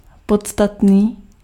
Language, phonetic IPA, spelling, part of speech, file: Czech, [ˈpotstatniː], podstatný, adjective, Cs-podstatný.ogg
- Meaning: 1. substantial 2. relevant